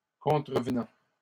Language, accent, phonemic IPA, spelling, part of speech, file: French, Canada, /kɔ̃.tʁə.v(ə).nɑ̃/, contrevenant, verb / noun, LL-Q150 (fra)-contrevenant.wav
- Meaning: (verb) present participle of contrevenir; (noun) offender